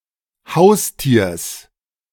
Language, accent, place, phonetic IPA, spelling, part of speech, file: German, Germany, Berlin, [ˈhaʊ̯sˌtiːɐ̯s], Haustiers, noun, De-Haustiers.ogg
- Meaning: genitive singular of Haustier